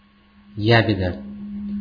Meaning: 1. tattletale 2. slander, snitching
- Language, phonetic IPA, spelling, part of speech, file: Russian, [ˈjæbʲɪdə], ябеда, noun, Ru-ябеда.ogg